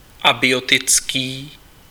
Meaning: abiotic
- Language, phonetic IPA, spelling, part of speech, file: Czech, [ˈabɪjotɪt͡skiː], abiotický, adjective, Cs-abiotický.ogg